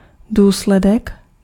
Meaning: consequence (that which follows something on which it depends; that which is produced by a cause)
- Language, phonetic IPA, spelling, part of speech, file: Czech, [ˈduːslɛdɛk], důsledek, noun, Cs-důsledek.ogg